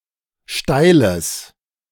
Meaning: strong/mixed nominative/accusative neuter singular of steil
- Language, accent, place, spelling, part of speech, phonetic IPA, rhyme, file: German, Germany, Berlin, steiles, adjective, [ˈʃtaɪ̯ləs], -aɪ̯ləs, De-steiles.ogg